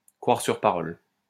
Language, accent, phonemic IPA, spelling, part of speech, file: French, France, /kʁwaʁ syʁ pa.ʁɔl/, croire sur parole, verb, LL-Q150 (fra)-croire sur parole.wav
- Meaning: to take someone's word for it, to take someone at their word